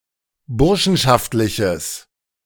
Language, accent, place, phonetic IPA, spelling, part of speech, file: German, Germany, Berlin, [ˈbʊʁʃn̩ʃaftlɪçəs], burschenschaftliches, adjective, De-burschenschaftliches.ogg
- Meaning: strong/mixed nominative/accusative neuter singular of burschenschaftlich